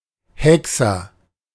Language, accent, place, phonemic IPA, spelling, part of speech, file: German, Germany, Berlin, /ˈhɛk.sɐ/, Hexer, noun, De-Hexer.ogg
- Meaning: warlock